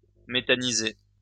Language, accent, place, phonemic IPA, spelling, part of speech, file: French, France, Lyon, /me.ta.ni.ze/, méthaniser, verb, LL-Q150 (fra)-méthaniser.wav
- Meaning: to produce methane from (especially by anaerobic digestion)